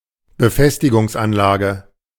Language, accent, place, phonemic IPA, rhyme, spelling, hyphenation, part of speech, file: German, Germany, Berlin, /bəˈfɛstɪɡʊŋsˌ.anlaːɡə/, -aːɡə, Befestigungsanlage, Be‧fes‧ti‧gungs‧an‧la‧ge, noun, De-Befestigungsanlage.ogg
- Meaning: fortification, works to defend a place, fortress